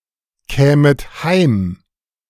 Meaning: second-person plural subjunctive I of heimkommen
- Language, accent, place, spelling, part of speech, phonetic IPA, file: German, Germany, Berlin, kämet heim, verb, [ˌkɛːmət ˈhaɪ̯m], De-kämet heim.ogg